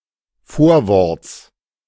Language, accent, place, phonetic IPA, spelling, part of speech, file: German, Germany, Berlin, [ˈfoːɐ̯ˌvɔʁt͡s], Vorworts, noun, De-Vorworts.ogg
- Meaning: genitive singular of Vorwort